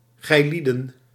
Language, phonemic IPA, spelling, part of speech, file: Dutch, /ɣɛiˈlidə(n)/, gijlieden, pronoun, Nl-gijlieden.ogg
- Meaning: second-person plural personal pronoun (subjective); you people, you all, ye